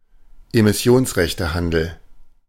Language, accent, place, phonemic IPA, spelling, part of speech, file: German, Germany, Berlin, /emɪˈsi̯oːnsʁɛçtəˌhandl̩/, Emissionsrechtehandel, noun, De-Emissionsrechtehandel.ogg
- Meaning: emissions trading